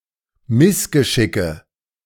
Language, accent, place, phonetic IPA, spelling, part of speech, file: German, Germany, Berlin, [ˈmɪsɡəˌʃɪkə], Missgeschicke, noun, De-Missgeschicke.ogg
- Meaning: nominative/accusative/genitive plural of Missgeschick